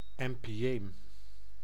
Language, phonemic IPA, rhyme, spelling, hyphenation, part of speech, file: Dutch, /ˌɛmpiˈeːm/, -eːm, empyeem, em‧py‧eem, noun, Nl-empyeem.ogg
- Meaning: empyema